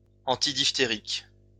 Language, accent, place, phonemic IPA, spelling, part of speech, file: French, France, Lyon, /ɑ̃.ti.dif.te.ʁik/, antidiphtérique, adjective, LL-Q150 (fra)-antidiphtérique.wav
- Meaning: antidiphtheritic